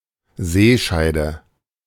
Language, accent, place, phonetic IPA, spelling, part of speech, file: German, Germany, Berlin, [ˈzeːˌʃaɪ̯də], Seescheide, noun, De-Seescheide.ogg
- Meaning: sea squirt